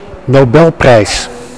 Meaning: Nobel prize
- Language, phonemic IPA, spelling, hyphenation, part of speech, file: Dutch, /noˈbɛlprɛis/, Nobelprijs, No‧bel‧prijs, noun, Nl-Nobelprijs.ogg